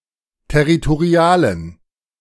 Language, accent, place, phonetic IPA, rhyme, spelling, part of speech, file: German, Germany, Berlin, [tɛʁitoˈʁi̯aːlən], -aːlən, territorialen, adjective, De-territorialen.ogg
- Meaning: inflection of territorial: 1. strong genitive masculine/neuter singular 2. weak/mixed genitive/dative all-gender singular 3. strong/weak/mixed accusative masculine singular 4. strong dative plural